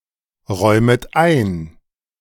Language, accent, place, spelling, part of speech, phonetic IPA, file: German, Germany, Berlin, räumet ein, verb, [ˌʁɔɪ̯mət ˈaɪ̯n], De-räumet ein.ogg
- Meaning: second-person plural subjunctive I of einräumen